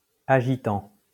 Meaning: present participle of agiter
- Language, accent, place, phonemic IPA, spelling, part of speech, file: French, France, Lyon, /a.ʒi.tɑ̃/, agitant, verb, LL-Q150 (fra)-agitant.wav